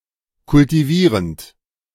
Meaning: present participle of kultivieren
- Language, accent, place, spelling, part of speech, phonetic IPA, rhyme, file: German, Germany, Berlin, kultivierend, verb, [kʊltiˈviːʁənt], -iːʁənt, De-kultivierend.ogg